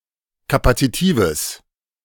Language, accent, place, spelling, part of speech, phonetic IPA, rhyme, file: German, Germany, Berlin, kapazitives, adjective, [ˌkapat͡siˈtiːvəs], -iːvəs, De-kapazitives.ogg
- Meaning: strong/mixed nominative/accusative neuter singular of kapazitiv